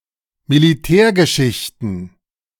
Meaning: plural of Militärgeschichte
- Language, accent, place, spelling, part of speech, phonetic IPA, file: German, Germany, Berlin, Militärgeschichten, noun, [miliˈtɛːɐ̯ɡəˌʃɪçtn̩], De-Militärgeschichten.ogg